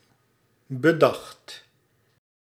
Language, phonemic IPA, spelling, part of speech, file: Dutch, /bəˈdɑxt/, bedacht, verb, Nl-bedacht.ogg
- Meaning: 1. singular past indicative of bedenken 2. past participle of bedenken